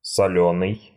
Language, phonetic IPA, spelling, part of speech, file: Russian, [sɐˈlʲɵnɨj], солёный, adjective, Ru-солёный.ogg
- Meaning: salty (tasting of salt)